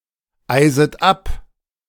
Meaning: second-person plural subjunctive I of abeisen
- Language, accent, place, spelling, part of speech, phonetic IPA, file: German, Germany, Berlin, eiset ab, verb, [ˌaɪ̯zət ˈap], De-eiset ab.ogg